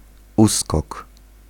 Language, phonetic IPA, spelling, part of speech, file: Polish, [ˈuskɔk], uskok, noun, Pl-uskok.ogg